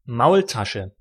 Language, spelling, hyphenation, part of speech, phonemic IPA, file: German, Maultasche, Maul‧ta‧sche, noun, /ˈmaʊ̯lˌtaʃə/, De-Maultasche.ogg
- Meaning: 1. Maultasche (Swabian pasta) 2. slap in the face